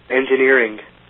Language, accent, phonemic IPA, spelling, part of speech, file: English, US, /ˌɛn.d͡ʒɪˈnɪ(ə)ɹ.ɪŋ/, engineering, verb / noun, En-us-engineering.ogg
- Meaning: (verb) present participle and gerund of engineer; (noun) The application of mathematics and the physical sciences to the needs of humanity and the development of technology